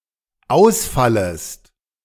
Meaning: second-person singular dependent subjunctive I of ausfallen
- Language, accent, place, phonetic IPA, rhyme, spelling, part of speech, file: German, Germany, Berlin, [ˈaʊ̯sˌfaləst], -aʊ̯sfaləst, ausfallest, verb, De-ausfallest.ogg